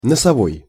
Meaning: 1. nose; nasal 2. prow, bow; forward
- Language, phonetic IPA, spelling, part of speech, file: Russian, [nəsɐˈvoj], носовой, adjective, Ru-носовой.ogg